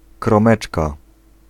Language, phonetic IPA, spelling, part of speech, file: Polish, [krɔ̃ˈmɛt͡ʃka], kromeczka, noun, Pl-kromeczka.ogg